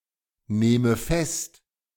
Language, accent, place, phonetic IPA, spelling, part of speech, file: German, Germany, Berlin, [ˌneːmə ˈfɛst], nehme fest, verb, De-nehme fest.ogg
- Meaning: inflection of festnehmen: 1. first-person singular present 2. first/third-person singular subjunctive I